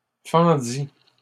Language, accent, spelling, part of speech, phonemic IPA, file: French, Canada, fendît, verb, /fɑ̃.di/, LL-Q150 (fra)-fendît.wav
- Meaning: third-person singular imperfect subjunctive of fendre